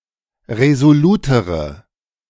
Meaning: inflection of resolut: 1. strong/mixed nominative/accusative feminine singular comparative degree 2. strong nominative/accusative plural comparative degree
- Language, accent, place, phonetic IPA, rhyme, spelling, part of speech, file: German, Germany, Berlin, [ʁezoˈluːtəʁə], -uːtəʁə, resolutere, adjective, De-resolutere.ogg